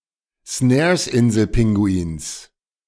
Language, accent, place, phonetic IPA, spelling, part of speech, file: German, Germany, Berlin, [ˈsnɛːɐ̯sˌʔɪnzl̩ˌpɪŋɡuiːns], Snaresinselpinguins, noun, De-Snaresinselpinguins.ogg
- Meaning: genitive singular of Snaresinselpinguin